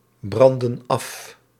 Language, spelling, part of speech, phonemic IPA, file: Dutch, branden af, verb, /ˈbrɑndə(n) ˈɑf/, Nl-branden af.ogg
- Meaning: inflection of afbranden: 1. plural present indicative 2. plural present subjunctive